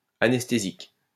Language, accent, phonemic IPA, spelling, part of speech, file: French, France, /a.nɛs.te.zik/, anesthésique, adjective / noun, LL-Q150 (fra)-anesthésique.wav
- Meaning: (adjective) anesthetic